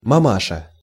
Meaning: 1. mother, mamma, mummy 2. familiar term of address for an (elderly) woman
- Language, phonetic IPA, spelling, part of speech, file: Russian, [mɐˈmaʂə], мамаша, noun, Ru-мамаша.ogg